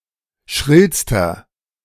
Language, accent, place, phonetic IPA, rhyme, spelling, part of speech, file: German, Germany, Berlin, [ˈʃʁɪlstɐ], -ɪlstɐ, schrillster, adjective, De-schrillster.ogg
- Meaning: inflection of schrill: 1. strong/mixed nominative masculine singular superlative degree 2. strong genitive/dative feminine singular superlative degree 3. strong genitive plural superlative degree